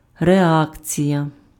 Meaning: reaction
- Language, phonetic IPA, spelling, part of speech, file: Ukrainian, [reˈakt͡sʲijɐ], реакція, noun, Uk-реакція.ogg